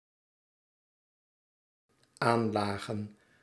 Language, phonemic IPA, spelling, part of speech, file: Dutch, /ˈanlaɣə(n)/, aanlagen, verb, Nl-aanlagen.ogg
- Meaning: inflection of aanliggen: 1. plural dependent-clause past indicative 2. plural dependent-clause past subjunctive